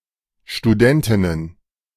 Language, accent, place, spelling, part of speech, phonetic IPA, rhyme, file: German, Germany, Berlin, Studentinnen, noun, [ʃtuˈdɛntɪnən], -ɛntɪnən, De-Studentinnen.ogg
- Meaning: plural of Studentin